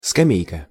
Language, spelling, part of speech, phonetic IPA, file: Russian, скамейка, noun, [skɐˈmʲejkə], Ru-скамейка.ogg
- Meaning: bench